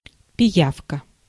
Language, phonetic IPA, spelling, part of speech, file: Russian, [pʲɪˈjafkə], пиявка, noun, Ru-пиявка.ogg
- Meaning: leech (blood-sucking annelid)